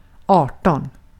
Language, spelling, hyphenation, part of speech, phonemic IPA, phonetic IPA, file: Swedish, arton, ar‧ton, numeral, /²ɑːrtɔn/, [²ɑːʈɔn], Sv-arton.ogg
- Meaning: eighteen